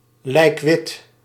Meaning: extremely pale (of facial colour and skin colour)
- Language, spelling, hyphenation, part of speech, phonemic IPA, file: Dutch, lijkwit, lijk‧wit, adjective, /lɛi̯kˈʋɪt/, Nl-lijkwit.ogg